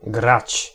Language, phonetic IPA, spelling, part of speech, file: Polish, [ɡrat͡ɕ], grać, verb, Pl-grać.ogg